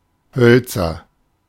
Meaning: 1. nominative plural of Holz "woods" 2. genitive plural of Holz 3. accusative plural of Holz
- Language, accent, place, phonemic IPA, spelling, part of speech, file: German, Germany, Berlin, /ˈhœltsɐ/, Hölzer, noun, De-Hölzer.ogg